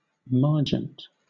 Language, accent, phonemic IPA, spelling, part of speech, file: English, Southern England, /ˈmɑː(ɹ)d͡ʒənt/, margent, noun / verb, LL-Q1860 (eng)-margent.wav
- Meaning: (noun) margin; edge; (verb) To note in the margin